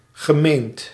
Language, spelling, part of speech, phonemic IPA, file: Dutch, gemeend, verb / adjective, /ɣəˈment/, Nl-gemeend.ogg
- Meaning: past participle of menen